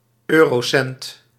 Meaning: Eurocent
- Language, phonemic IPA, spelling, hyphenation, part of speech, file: Dutch, /ˈøː.roːˌsɛnt/, eurocent, eu‧ro‧cent, noun, Nl-eurocent.ogg